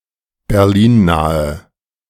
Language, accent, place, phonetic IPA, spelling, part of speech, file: German, Germany, Berlin, [bɛʁˈliːnˌnaːə], berlinnahe, adjective, De-berlinnahe.ogg
- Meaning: inflection of berlinnah: 1. strong/mixed nominative/accusative feminine singular 2. strong nominative/accusative plural 3. weak nominative all-gender singular